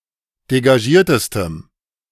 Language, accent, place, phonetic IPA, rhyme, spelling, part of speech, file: German, Germany, Berlin, [deɡaˈʒiːɐ̯təstəm], -iːɐ̯təstəm, degagiertestem, adjective, De-degagiertestem.ogg
- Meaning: strong dative masculine/neuter singular superlative degree of degagiert